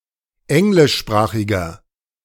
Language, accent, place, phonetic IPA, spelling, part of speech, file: German, Germany, Berlin, [ˈɛŋlɪʃˌʃpʁaːxɪɡɐ], englischsprachiger, adjective, De-englischsprachiger.ogg
- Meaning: inflection of englischsprachig: 1. strong/mixed nominative masculine singular 2. strong genitive/dative feminine singular 3. strong genitive plural